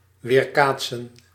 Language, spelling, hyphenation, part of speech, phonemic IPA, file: Dutch, weerkaatsen, weer‧kaat‧sen, verb, /ˌʋeːrˈkaːt.sə(n)/, Nl-weerkaatsen.ogg
- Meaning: to reflect